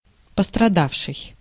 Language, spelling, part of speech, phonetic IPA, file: Russian, пострадавший, verb / adjective / noun, [pəstrɐˈdafʂɨj], Ru-пострадавший.ogg
- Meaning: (verb) past active perfective participle of пострада́ть (postradátʹ); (adjective) injured, damaged, suffering, stricken; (noun) victim